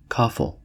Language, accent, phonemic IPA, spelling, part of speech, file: English, US, /ˈkɔfl̩/, coffle, noun / verb, En-us-coffle.ogg
- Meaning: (noun) A line of people or animals fastened together, especially a chain of prisoners or slaves; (verb) To fasten (a line of people or animals) together